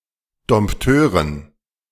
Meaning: dative plural of Dompteur
- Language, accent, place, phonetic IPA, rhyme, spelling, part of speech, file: German, Germany, Berlin, [dɔmpˈtøːʁən], -øːʁən, Dompteuren, noun, De-Dompteuren.ogg